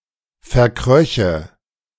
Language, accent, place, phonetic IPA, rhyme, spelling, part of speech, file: German, Germany, Berlin, [fɛɐ̯ˈkʁœçə], -œçə, verkröche, verb, De-verkröche.ogg
- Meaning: first/third-person singular subjunctive II of verkriechen